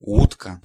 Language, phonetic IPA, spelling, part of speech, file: Polish, [ˈwutka], łódka, noun, Pl-łódka.ogg